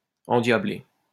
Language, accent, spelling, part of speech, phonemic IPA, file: French, France, endiablé, verb / adjective, /ɑ̃.dja.ble/, LL-Q150 (fra)-endiablé.wav
- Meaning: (verb) past participle of endiabler; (adjective) 1. possessed (by a devil) 2. furious